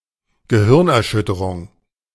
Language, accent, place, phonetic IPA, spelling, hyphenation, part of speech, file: German, Germany, Berlin, [ɡəˈhɪʁnʔɛɐ̯ˌʃʏtəʁʊŋ], Gehirnerschütterung, Ge‧hirn‧er‧schüt‧te‧rung, noun, De-Gehirnerschütterung.ogg
- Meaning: concussion